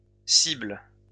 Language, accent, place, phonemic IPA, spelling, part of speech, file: French, France, Lyon, /sibl/, cibles, noun, LL-Q150 (fra)-cibles.wav
- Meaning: plural of cible